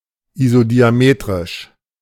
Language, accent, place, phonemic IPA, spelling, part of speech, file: German, Germany, Berlin, /izodiaˈmeːtʁɪʃ/, isodiametrisch, adjective, De-isodiametrisch.ogg
- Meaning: isodiametric